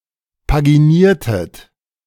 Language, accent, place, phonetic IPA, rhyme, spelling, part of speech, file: German, Germany, Berlin, [paɡiˈniːɐ̯tət], -iːɐ̯tət, paginiertet, verb, De-paginiertet.ogg
- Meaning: inflection of paginieren: 1. second-person plural preterite 2. second-person plural subjunctive II